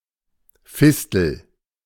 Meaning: fistula
- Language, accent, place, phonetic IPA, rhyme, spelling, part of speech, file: German, Germany, Berlin, [ˈfɪstl̩], -ɪstl̩, Fistel, noun, De-Fistel.ogg